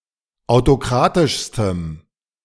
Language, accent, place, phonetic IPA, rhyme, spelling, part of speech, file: German, Germany, Berlin, [aʊ̯toˈkʁaːtɪʃstəm], -aːtɪʃstəm, autokratischstem, adjective, De-autokratischstem.ogg
- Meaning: strong dative masculine/neuter singular superlative degree of autokratisch